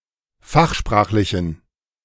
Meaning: inflection of fachsprachlich: 1. strong genitive masculine/neuter singular 2. weak/mixed genitive/dative all-gender singular 3. strong/weak/mixed accusative masculine singular 4. strong dative plural
- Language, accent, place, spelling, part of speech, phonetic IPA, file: German, Germany, Berlin, fachsprachlichen, adjective, [ˈfaxˌʃpʁaːxlɪçn̩], De-fachsprachlichen.ogg